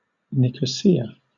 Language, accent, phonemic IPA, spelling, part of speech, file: English, Southern England, /ˌnɪkəˈsiːə/, Nicosia, proper noun, LL-Q1860 (eng)-Nicosia.wav
- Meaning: 1. The capital city of Cyprus and Northern Cyprus 2. The capital city of Cyprus and Northern Cyprus.: The Cypriot government 3. A district of Cyprus and Northern Cyprus around the city